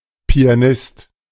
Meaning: pianist (male or of unspecified gender)
- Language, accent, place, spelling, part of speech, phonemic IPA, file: German, Germany, Berlin, Pianist, noun, /piaˈnɪst/, De-Pianist.ogg